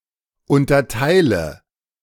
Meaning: inflection of unterteilen: 1. first-person singular present 2. first/third-person singular subjunctive I 3. singular imperative
- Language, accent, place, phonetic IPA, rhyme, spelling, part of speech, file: German, Germany, Berlin, [ˌʊntɐˈtaɪ̯lə], -aɪ̯lə, unterteile, verb, De-unterteile.ogg